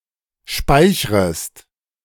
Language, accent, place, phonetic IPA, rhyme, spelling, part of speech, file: German, Germany, Berlin, [ˈʃpaɪ̯çʁəst], -aɪ̯çʁəst, speichrest, verb, De-speichrest.ogg
- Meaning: second-person singular subjunctive I of speichern